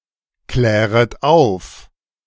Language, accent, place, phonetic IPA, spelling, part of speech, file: German, Germany, Berlin, [ˌklɛːʁət ˈaʊ̯f], kläret auf, verb, De-kläret auf.ogg
- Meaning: second-person plural subjunctive I of aufklären